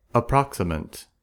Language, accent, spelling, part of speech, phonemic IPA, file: English, US, approximant, noun, /əˈpɹɑksəmənt/, En-us-approximant.ogg
- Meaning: A consonant sound made by slightly narrowing the vocal tract, while still allowing a smooth flow of air. Liquids and glides are approximants